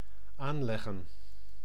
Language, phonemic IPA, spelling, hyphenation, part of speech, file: Dutch, /ˈaːnlɛɣə(n)/, aanleggen, aan‧leg‧gen, verb, Nl-aanleggen.ogg
- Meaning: 1. to set up, lay out 2. to construct, to build 3. to moor (a boat) 4. to aim (e.g., a rifle, at a target)